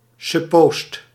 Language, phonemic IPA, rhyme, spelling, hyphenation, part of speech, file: Dutch, /sʏˈpoːst/, -oːst, suppoost, sup‧poost, noun, Nl-suppoost.ogg
- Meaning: 1. museum guard, attendant (in venues or public spaces) 2. attendant, chaperone (in institutions) 3. subordinate